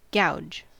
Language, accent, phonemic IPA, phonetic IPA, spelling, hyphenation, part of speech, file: English, US, /ˈɡaʊ̯d͡ʒ/, [ˈɡaʊ̯d͡ʒ], gouge, gouge, noun / verb, En-us-gouge.ogg
- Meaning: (noun) Senses relating to cutting tools.: A chisel with a curved blade for cutting or scooping channels, grooves, or holes in wood, stone, etc